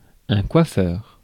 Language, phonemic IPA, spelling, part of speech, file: French, /kwa.fœʁ/, coiffeur, noun, Fr-coiffeur.ogg
- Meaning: hairdresser